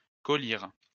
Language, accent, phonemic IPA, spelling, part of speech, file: French, France, /kɔ.liʁ/, collyre, noun, LL-Q150 (fra)-collyre.wav
- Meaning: eyewash, collyrium